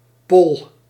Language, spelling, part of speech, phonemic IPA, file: Dutch, poll, noun, /pɔl/, Nl-poll.ogg
- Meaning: inflection of pollen: 1. first-person singular present indicative 2. second-person singular present indicative 3. imperative